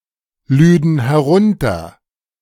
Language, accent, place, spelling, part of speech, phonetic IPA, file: German, Germany, Berlin, lüden herunter, verb, [ˌlyːdn̩ hɛˈʁʊntɐ], De-lüden herunter.ogg
- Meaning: first/third-person plural subjunctive II of herunterladen